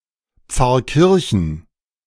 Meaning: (proper noun) 1. a town, the administrative seat of Rottal-Inn district, Lower Bavaria region, Bavaria 2. a municipality of Steyr-Land district, Upper Austria; official name: Pfarrkirchen bei Bad Hall
- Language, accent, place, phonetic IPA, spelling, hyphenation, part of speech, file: German, Germany, Berlin, [ˈp͡faʁˌkɪʁçn̩], Pfarrkirchen, Pfarr‧kir‧chen, proper noun / noun, De-Pfarrkirchen.ogg